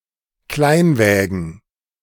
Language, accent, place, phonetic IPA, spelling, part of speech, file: German, Germany, Berlin, [ˈklaɪ̯nˌvɛːɡn̩], Kleinwägen, noun, De-Kleinwägen.ogg
- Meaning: plural of Kleinwagen